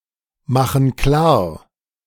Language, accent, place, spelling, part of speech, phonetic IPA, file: German, Germany, Berlin, machen klar, verb, [ˌmaxn̩ ˈklaːɐ̯], De-machen klar.ogg
- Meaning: inflection of klarmachen: 1. first/third-person plural present 2. first/third-person plural subjunctive I